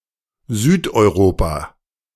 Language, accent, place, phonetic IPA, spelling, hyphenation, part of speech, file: German, Germany, Berlin, [ˈzyːtʔɔɪ̯ˌʁoːpa], Südeuropa, Süd‧eu‧ro‧pa, proper noun, De-Südeuropa.ogg
- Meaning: Southern Europe (a sociopolitical region of Europe including such countries as Spain, Portugal, Italy, and Greece)